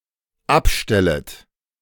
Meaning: second-person plural dependent subjunctive I of abstellen
- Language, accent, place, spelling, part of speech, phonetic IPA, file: German, Germany, Berlin, abstellet, verb, [ˈapˌʃtɛlət], De-abstellet.ogg